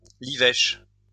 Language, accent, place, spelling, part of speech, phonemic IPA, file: French, France, Lyon, livèche, noun, /li.vɛʃ/, LL-Q150 (fra)-livèche.wav
- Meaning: lovage